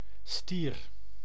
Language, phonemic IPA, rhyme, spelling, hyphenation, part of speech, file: Dutch, /stiːr/, -ir, stier, stier, noun, Nl-stier.ogg
- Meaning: a bull; a male of certain mammals, in particular bovines